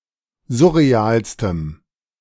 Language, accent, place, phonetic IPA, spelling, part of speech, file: German, Germany, Berlin, [ˈzʊʁeˌaːlstəm], surrealstem, adjective, De-surrealstem.ogg
- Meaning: strong dative masculine/neuter singular superlative degree of surreal